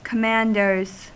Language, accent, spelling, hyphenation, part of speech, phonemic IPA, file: English, US, commanders, com‧mand‧ers, noun, /kəˈmændɚz/, En-us-commanders.ogg
- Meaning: plural of commander